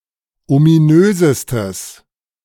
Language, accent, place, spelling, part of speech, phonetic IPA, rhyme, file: German, Germany, Berlin, ominösestes, adjective, [omiˈnøːzəstəs], -øːzəstəs, De-ominösestes.ogg
- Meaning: strong/mixed nominative/accusative neuter singular superlative degree of ominös